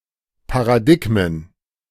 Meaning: plural of Paradigma
- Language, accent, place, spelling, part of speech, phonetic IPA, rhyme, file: German, Germany, Berlin, Paradigmen, noun, [paʁaˈdɪɡmən], -ɪɡmən, De-Paradigmen.ogg